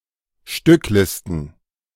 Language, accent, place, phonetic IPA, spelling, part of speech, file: German, Germany, Berlin, [ˈʃtʏkˌlɪstn̩], Stücklisten, noun, De-Stücklisten.ogg
- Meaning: plural of Stückliste